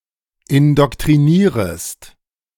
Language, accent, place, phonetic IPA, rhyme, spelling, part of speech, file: German, Germany, Berlin, [ɪndɔktʁiˈniːʁəst], -iːʁəst, indoktrinierest, verb, De-indoktrinierest.ogg
- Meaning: second-person singular subjunctive I of indoktrinieren